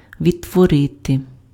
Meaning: 1. to recreate, to reproduce (create anew) 2. to recreate, to reproduce, to reconstruct (accurately represent a past event or scene)
- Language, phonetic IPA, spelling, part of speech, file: Ukrainian, [ʋʲidtwɔˈrɪte], відтворити, verb, Uk-відтворити.ogg